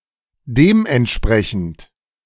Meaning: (adjective) 1. appropriate 2. corresponding; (adverb) accordingly
- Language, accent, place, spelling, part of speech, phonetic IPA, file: German, Germany, Berlin, dementsprechend, adjective, [ˈdeːmʔɛntˌʃpʁɛçn̩t], De-dementsprechend.ogg